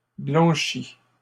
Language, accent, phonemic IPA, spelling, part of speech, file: French, Canada, /blɑ̃.ʃi/, blanchis, verb, LL-Q150 (fra)-blanchis.wav
- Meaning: inflection of blanchir: 1. first/second-person singular present indicative 2. first/second-person singular past historic 3. second-person singular imperative